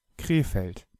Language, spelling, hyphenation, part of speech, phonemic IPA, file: German, Krefeld, Kre‧feld, proper noun, /ˈkʁeːfɛlt/, De-Krefeld.ogg
- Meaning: 1. Krefeld (an independent city in North Rhine-Westphalia, Germany) 2. a surname